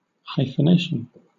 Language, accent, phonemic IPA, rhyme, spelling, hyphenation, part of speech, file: English, Southern England, /ˌhaɪfəˈneɪʃən/, -eɪʃən, hyphenation, hy‧phen‧a‧tion, noun, LL-Q1860 (eng)-hyphenation.wav
- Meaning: The inclusion of hyphens; especially, the correct locations of hyphens